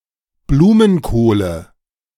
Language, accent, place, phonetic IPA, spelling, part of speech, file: German, Germany, Berlin, [ˈbluːmənˌkoːlə], Blumenkohle, noun, De-Blumenkohle.ogg
- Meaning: nominative/accusative/genitive plural of Blumenkohl